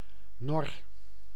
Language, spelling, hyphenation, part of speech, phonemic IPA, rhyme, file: Dutch, nor, nor, noun, /nɔr/, -ɔr, Nl-nor.ogg
- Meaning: jail, prison; imprisonment